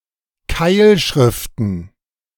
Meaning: plural of Keilschrift
- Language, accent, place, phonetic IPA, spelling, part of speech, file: German, Germany, Berlin, [ˈkaɪ̯lˌʃʁɪftn̩], Keilschriften, noun, De-Keilschriften.ogg